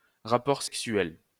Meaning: sex; sexual intercourse
- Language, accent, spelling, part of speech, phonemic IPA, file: French, France, rapport sexuel, noun, /ʁa.pɔʁ sɛk.sɥɛl/, LL-Q150 (fra)-rapport sexuel.wav